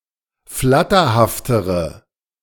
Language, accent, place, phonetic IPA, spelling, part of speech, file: German, Germany, Berlin, [ˈflatɐhaftəʁə], flatterhaftere, adjective, De-flatterhaftere.ogg
- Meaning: inflection of flatterhaft: 1. strong/mixed nominative/accusative feminine singular comparative degree 2. strong nominative/accusative plural comparative degree